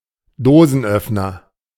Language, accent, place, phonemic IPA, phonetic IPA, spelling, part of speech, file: German, Germany, Berlin, /ˈdoːzənˌœfnər/, [ˈdoː.zn̩ˌʔœf.nɐ], Dosenöffner, noun, De-Dosenöffner.ogg
- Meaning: 1. can opener, tin opener (UK) 2. something alleged to attract women sexually, a chick magnet